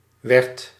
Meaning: singular past indicative of worden
- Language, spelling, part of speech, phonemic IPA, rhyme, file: Dutch, werd, verb, /ʋɛrt/, -ɛrt, Nl-werd.ogg